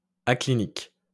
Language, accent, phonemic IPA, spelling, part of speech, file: French, France, /a.kli.nik/, aclinique, adjective, LL-Q150 (fra)-aclinique.wav
- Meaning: aclinical